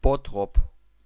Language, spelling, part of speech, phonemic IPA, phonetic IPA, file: German, Bottrop, proper noun, /ˈbɔtʁɔp/, [ˈbotχop], De-Bottrop.ogg
- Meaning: Bottrop (an independent city in North Rhine-Westphalia, in western Germany)